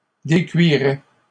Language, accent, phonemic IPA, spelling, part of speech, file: French, Canada, /de.kɥi.ʁɛ/, décuiraient, verb, LL-Q150 (fra)-décuiraient.wav
- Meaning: third-person plural conditional of décuire